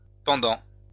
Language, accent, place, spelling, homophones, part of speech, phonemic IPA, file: French, France, Lyon, pendants, pendant, adjective, /pɑ̃.dɑ̃/, LL-Q150 (fra)-pendants.wav
- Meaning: masculine plural of pendant